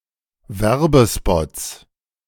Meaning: plural of Werbespot
- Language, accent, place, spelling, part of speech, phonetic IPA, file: German, Germany, Berlin, Werbespots, noun, [ˈvɛʁbəˌspɔt͡s], De-Werbespots.ogg